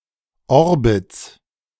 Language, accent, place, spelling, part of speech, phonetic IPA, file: German, Germany, Berlin, Orbits, noun, [ˈɔʁbɪt͡s], De-Orbits.ogg
- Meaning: plural of Orbit